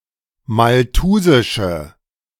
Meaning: inflection of malthusisch: 1. strong/mixed nominative/accusative feminine singular 2. strong nominative/accusative plural 3. weak nominative all-gender singular
- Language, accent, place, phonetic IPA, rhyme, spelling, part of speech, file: German, Germany, Berlin, [malˈtuːzɪʃə], -uːzɪʃə, malthusische, adjective, De-malthusische.ogg